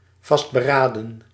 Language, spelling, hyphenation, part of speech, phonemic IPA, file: Dutch, vastberaden, vast‧be‧ra‧den, adjective, /ˌvɑst.bəˈraː.də(n)/, Nl-vastberaden.ogg
- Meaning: resolute, determined